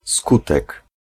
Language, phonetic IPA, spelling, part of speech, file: Polish, [ˈskutɛk], skutek, noun, Pl-skutek.ogg